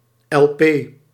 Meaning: LP
- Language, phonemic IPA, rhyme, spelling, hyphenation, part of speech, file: Dutch, /ɛlˈpeː/, -eː, elpee, el‧pee, noun, Nl-elpee.ogg